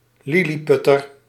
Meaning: 1. lilliputian, munchkin 2. midget, little person
- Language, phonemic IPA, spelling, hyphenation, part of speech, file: Dutch, /ˈlɪ.liˌpʏ.tər/, lilliputter, lil‧li‧put‧ter, noun, Nl-lilliputter.ogg